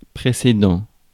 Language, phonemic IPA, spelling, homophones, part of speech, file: French, /pʁe.se.dɑ̃/, précédent, précédant / précédents, adjective / noun, Fr-précédent.ogg
- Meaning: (adjective) previous; preceding; earlier; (noun) precedent